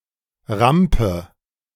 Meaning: ramp
- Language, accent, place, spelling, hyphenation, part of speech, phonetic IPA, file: German, Germany, Berlin, Rampe, Ram‧pe, noun, [ˈʁampə], De-Rampe.ogg